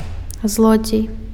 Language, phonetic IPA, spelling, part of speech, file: Belarusian, [ˈzɫod͡zʲej], злодзей, noun, Be-злодзей.ogg
- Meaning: thief